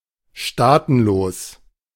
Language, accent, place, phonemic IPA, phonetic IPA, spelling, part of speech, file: German, Germany, Berlin, /ˈʃtaːtənˌloːs/, [ˈʃtaːtn̩ˌloːs], staatenlos, adjective, De-staatenlos.ogg
- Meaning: stateless